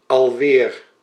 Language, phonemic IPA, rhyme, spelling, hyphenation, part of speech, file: Dutch, /ɑlˈʋeːr/, -eːr, alweer, al‧weer, adverb, Nl-alweer.ogg
- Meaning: 1. once again, once more 2. already, already again